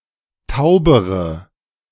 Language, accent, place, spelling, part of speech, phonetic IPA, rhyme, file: German, Germany, Berlin, taubere, adjective, [ˈtaʊ̯bəʁə], -aʊ̯bəʁə, De-taubere.ogg
- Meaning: inflection of taub: 1. strong/mixed nominative/accusative feminine singular comparative degree 2. strong nominative/accusative plural comparative degree